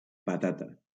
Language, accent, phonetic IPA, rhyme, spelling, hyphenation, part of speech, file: Catalan, Valencia, [paˈta.ta], -ata, patata, pa‧ta‧ta, noun, LL-Q7026 (cat)-patata.wav
- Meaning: potato